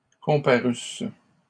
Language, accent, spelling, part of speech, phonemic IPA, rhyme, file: French, Canada, comparusses, verb, /kɔ̃.pa.ʁys/, -ys, LL-Q150 (fra)-comparusses.wav
- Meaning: second-person singular imperfect subjunctive of comparaître